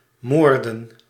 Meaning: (verb) to murder, to kill; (noun) plural of moord
- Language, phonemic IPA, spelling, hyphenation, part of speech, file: Dutch, /ˈmoːr.də(n)/, moorden, moor‧den, verb / noun, Nl-moorden.ogg